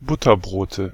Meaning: nominative/accusative/genitive plural of Butterbrot
- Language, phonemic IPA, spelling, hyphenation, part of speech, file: German, /ˈbʊtɐˌbʁoːtə/, Butterbrote, But‧ter‧bro‧te, noun, De-Butterbrote.ogg